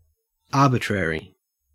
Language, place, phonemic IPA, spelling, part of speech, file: English, Queensland, /ˈɐː.bɪ.tɹə.ɹi/, arbitrary, adjective / noun, En-au-arbitrary.ogg
- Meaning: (adjective) Based on individual discretion or judgment; not based on any objective distinction, perhaps even made at random